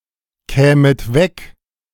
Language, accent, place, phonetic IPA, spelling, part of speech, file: German, Germany, Berlin, [ˌkɛːmət ˈvɛk], kämet weg, verb, De-kämet weg.ogg
- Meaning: second-person plural subjunctive II of wegkommen